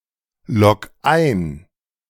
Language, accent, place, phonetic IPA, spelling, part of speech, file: German, Germany, Berlin, [ˌlɔk ˈaɪ̯n], logg ein, verb, De-logg ein.ogg
- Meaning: 1. singular imperative of einloggen 2. first-person singular present of einloggen